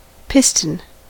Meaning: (noun) A solid disk or cylinder that fits inside a hollow cylinder, and moves under pressure (as in an engine) or displaces fluid (as in a pump)
- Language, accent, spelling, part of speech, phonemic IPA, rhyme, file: English, US, piston, noun / verb, /ˈpɪstən/, -ɪstən, En-us-piston.ogg